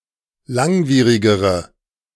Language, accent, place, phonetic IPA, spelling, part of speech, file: German, Germany, Berlin, [ˈlaŋˌviːʁɪɡəʁə], langwierigere, adjective, De-langwierigere.ogg
- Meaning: inflection of langwierig: 1. strong/mixed nominative/accusative feminine singular comparative degree 2. strong nominative/accusative plural comparative degree